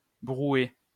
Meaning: 1. soup, broth, brew 2. unsubstantial soup 3. something of bad quality
- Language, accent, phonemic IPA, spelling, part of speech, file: French, France, /bʁu.ɛ/, brouet, noun, LL-Q150 (fra)-brouet.wav